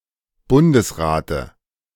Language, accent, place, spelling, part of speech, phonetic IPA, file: German, Germany, Berlin, Bundesrate, noun, [ˈbʊndəsˌʁaːtə], De-Bundesrate.ogg
- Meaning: dative singular of Bundesrat